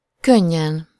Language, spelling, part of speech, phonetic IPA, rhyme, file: Hungarian, könnyen, adverb, [ˈkøɲːɛn], -ɛn, Hu-könnyen.ogg
- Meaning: easily, effortlessly (with ease)